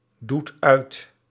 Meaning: inflection of uitdoen: 1. second/third-person singular present indicative 2. plural imperative
- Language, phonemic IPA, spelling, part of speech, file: Dutch, /ˈdut ˈœyt/, doet uit, verb, Nl-doet uit.ogg